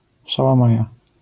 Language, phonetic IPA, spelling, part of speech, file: Polish, [ˌʃawãˈmaja], szałamaja, noun, LL-Q809 (pol)-szałamaja.wav